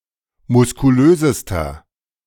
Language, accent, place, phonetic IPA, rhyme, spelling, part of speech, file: German, Germany, Berlin, [mʊskuˈløːzəstɐ], -øːzəstɐ, muskulösester, adjective, De-muskulösester.ogg
- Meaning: inflection of muskulös: 1. strong/mixed nominative masculine singular superlative degree 2. strong genitive/dative feminine singular superlative degree 3. strong genitive plural superlative degree